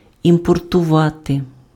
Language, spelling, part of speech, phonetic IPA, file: Ukrainian, імпортувати, verb, [impɔrtʊˈʋate], Uk-імпортувати.ogg
- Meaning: to import